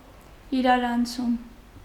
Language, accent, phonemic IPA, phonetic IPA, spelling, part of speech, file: Armenian, Eastern Armenian, /iɾɑɾɑnˈt͡sʰum/, [iɾɑɾɑnt͡sʰúm], իրարանցում, noun, Hy-իրարանցում.ogg
- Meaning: 1. hustle, bustle 2. commotion, disturbance 3. agitation, perturbation 4. animation, excitement, movement 5. event, occurrence, happening 6. celebration, festivity, party 7. jumble, disorder, mess